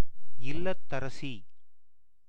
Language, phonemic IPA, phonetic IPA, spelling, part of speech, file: Tamil, /ɪllɐt̪ːɐɾɐtʃiː/, [ɪllɐt̪ːɐɾɐsiː], இல்லத்தரசி, noun, Ta-இல்லத்தரசி.ogg
- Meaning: wife (as the mistress of one's house); housewife